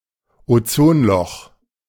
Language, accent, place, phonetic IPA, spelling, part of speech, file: German, Germany, Berlin, [oˈt͡soːnˌlɔx], Ozonloch, noun, De-Ozonloch.ogg
- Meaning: ozone hole